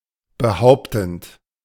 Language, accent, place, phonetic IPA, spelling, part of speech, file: German, Germany, Berlin, [bəˈhaʊ̯ptn̩t], behauptend, verb, De-behauptend.ogg
- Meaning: present participle of behaupten